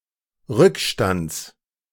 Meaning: genitive of Rückstand
- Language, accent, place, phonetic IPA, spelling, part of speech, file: German, Germany, Berlin, [ˈʁʏkˌʃtant͡s], Rückstands, noun, De-Rückstands.ogg